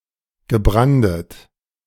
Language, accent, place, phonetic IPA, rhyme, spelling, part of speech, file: German, Germany, Berlin, [ɡəˈbʁandət], -andət, gebrandet, verb, De-gebrandet.ogg
- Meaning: past participle of branden